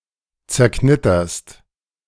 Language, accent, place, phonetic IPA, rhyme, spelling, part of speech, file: German, Germany, Berlin, [t͡sɛɐ̯ˈknɪtɐst], -ɪtɐst, zerknitterst, verb, De-zerknitterst.ogg
- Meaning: second-person singular present of zerknittern